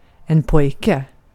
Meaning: a boy (young male)
- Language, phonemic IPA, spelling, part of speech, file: Swedish, /²pɔjkɛ/, pojke, noun, Sv-pojke.ogg